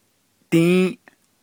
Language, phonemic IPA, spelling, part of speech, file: Navajo, /tĩ́ːʔ/, dį́į́ʼ, numeral, Nv-dį́į́ʼ.ogg
- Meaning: four